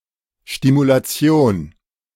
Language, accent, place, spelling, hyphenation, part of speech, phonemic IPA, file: German, Germany, Berlin, Stimulation, Sti‧mu‧la‧ti‧on, noun, /ˌʃtimulaˈt͡si̯oːn/, De-Stimulation.ogg
- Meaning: stimulation